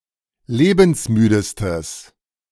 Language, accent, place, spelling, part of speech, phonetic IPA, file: German, Germany, Berlin, lebensmüdestes, adjective, [ˈleːbn̩sˌmyːdəstəs], De-lebensmüdestes.ogg
- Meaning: strong/mixed nominative/accusative neuter singular superlative degree of lebensmüde